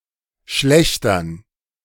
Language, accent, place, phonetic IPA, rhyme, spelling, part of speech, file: German, Germany, Berlin, [ˈʃlɛçtɐn], -ɛçtɐn, Schlächtern, noun, De-Schlächtern.ogg
- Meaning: dative plural of Schlächter